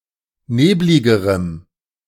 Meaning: strong dative masculine/neuter singular comparative degree of neblig
- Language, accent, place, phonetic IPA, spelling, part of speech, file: German, Germany, Berlin, [ˈneːblɪɡəʁəm], nebligerem, adjective, De-nebligerem.ogg